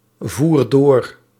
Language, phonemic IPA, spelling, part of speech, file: Dutch, /ˈvuːr ˈdor/, voer door, verb, Nl-voer door.ogg
- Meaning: inflection of doorvoeren: 1. first-person singular present indicative 2. second-person singular present indicative 3. imperative